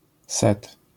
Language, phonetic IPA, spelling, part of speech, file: Polish, [sɛt], set, noun, LL-Q809 (pol)-set.wav